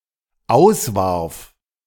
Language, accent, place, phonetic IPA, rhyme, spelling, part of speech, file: German, Germany, Berlin, [ˈaʊ̯sˌvaʁf], -aʊ̯svaʁf, auswarf, verb, De-auswarf.ogg
- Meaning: first/third-person singular dependent preterite of auswerfen